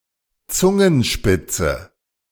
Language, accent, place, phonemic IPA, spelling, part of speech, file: German, Germany, Berlin, /ˈtsʊŋənˌʃpɪt͡sə/, Zungenspitze, noun, De-Zungenspitze.ogg
- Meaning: tonguetip